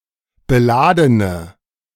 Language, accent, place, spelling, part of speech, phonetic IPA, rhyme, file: German, Germany, Berlin, beladene, adjective, [bəˈlaːdənə], -aːdənə, De-beladene.ogg
- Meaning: inflection of beladen: 1. strong/mixed nominative/accusative feminine singular 2. strong nominative/accusative plural 3. weak nominative all-gender singular 4. weak accusative feminine/neuter singular